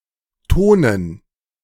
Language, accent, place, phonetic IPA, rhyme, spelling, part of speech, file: German, Germany, Berlin, [ˈtoːnən], -oːnən, Tonen, noun, De-Tonen.ogg
- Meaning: dative plural of Ton